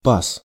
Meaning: groove, slot, mortise, rabbet
- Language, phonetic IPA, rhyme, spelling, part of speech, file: Russian, [pas], -as, паз, noun, Ru-паз.ogg